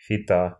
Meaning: fita (obsolete Cyrillic letter Ѳ, ѳ)
- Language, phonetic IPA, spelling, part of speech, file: Russian, [fʲɪˈta], фита, noun, Ru-фита.ogg